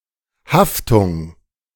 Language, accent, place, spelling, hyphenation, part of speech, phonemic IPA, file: German, Germany, Berlin, Haftung, Haf‧tung, noun, /ˈhaftʊŋ/, De-Haftung.ogg
- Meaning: 1. liability 2. adhesion